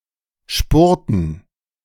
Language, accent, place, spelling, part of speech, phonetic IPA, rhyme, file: German, Germany, Berlin, Spurten, noun, [ˈʃpʊʁtn̩], -ʊʁtn̩, De-Spurten.ogg
- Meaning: dative plural of Spurt